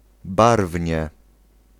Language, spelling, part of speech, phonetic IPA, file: Polish, barwnie, adverb, [ˈbarvʲɲɛ], Pl-barwnie.ogg